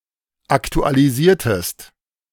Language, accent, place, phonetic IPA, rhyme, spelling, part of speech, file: German, Germany, Berlin, [ˌaktualiˈziːɐ̯təst], -iːɐ̯təst, aktualisiertest, verb, De-aktualisiertest.ogg
- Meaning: inflection of aktualisieren: 1. second-person singular preterite 2. second-person singular subjunctive II